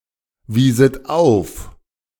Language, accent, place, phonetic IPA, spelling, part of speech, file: German, Germany, Berlin, [ˌviːzət ˈaʊ̯f], wieset auf, verb, De-wieset auf.ogg
- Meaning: second-person plural subjunctive II of aufweisen